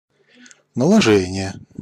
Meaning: 1. imposition, applying 2. superposition, superimposition
- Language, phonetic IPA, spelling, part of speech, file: Russian, [nəɫɐˈʐɛnʲɪje], наложение, noun, Ru-наложение.ogg